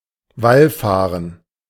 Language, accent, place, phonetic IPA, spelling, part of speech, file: German, Germany, Berlin, [ˈvalˌfaːʁən], wallfahren, verb, De-wallfahren.ogg
- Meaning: to go on a pilgrimage